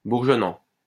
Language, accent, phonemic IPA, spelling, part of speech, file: French, France, /buʁ.ʒɔ.nɑ̃/, bourgeonnant, verb / adjective, LL-Q150 (fra)-bourgeonnant.wav
- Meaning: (verb) present participle of bourgeonner; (adjective) 1. budding 2. burgeoning